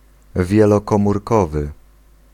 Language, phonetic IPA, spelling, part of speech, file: Polish, [ˌvʲjɛlɔkɔ̃murˈkɔvɨ], wielokomórkowy, adjective, Pl-wielokomórkowy.ogg